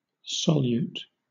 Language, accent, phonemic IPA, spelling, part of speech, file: English, Southern England, /ˈsɒljuːt/, solute, adjective / noun / verb, LL-Q1860 (eng)-solute.wav
- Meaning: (adjective) 1. Free; liberal; loose 2. Relaxed; hence, cheerful, merry 3. Able to be dissolved; soluble 4. Not adhering; loose